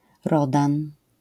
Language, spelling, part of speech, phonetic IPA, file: Polish, Rodan, proper noun, [ˈrɔdãn], LL-Q809 (pol)-Rodan.wav